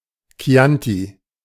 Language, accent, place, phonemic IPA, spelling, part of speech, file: German, Germany, Berlin, /ˈki̯anti/, Chianti, noun, De-Chianti.ogg
- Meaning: Chianti (Tuscan red wine)